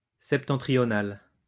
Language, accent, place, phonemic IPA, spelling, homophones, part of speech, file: French, France, Lyon, /sɛp.tɑ̃.tʁi.jɔ.nal/, septentrionales, septentrional / septentrionale, adjective, LL-Q150 (fra)-septentrionales.wav
- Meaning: feminine plural of septentrional